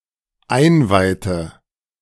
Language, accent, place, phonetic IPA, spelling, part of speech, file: German, Germany, Berlin, [ˈaɪ̯nˌvaɪ̯tə], einweihte, verb, De-einweihte.ogg
- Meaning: inflection of einweihen: 1. first/third-person singular dependent preterite 2. first/third-person singular dependent subjunctive II